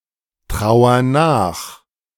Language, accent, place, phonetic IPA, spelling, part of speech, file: German, Germany, Berlin, [ˌtʁaʊ̯ɐ ˈnaːx], trauer nach, verb, De-trauer nach.ogg
- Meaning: inflection of nachtrauern: 1. first-person singular present 2. singular imperative